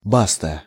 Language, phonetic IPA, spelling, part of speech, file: Russian, [ˈbastə], баста, interjection, Ru-баста.ogg
- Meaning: basta (that's enough, stop)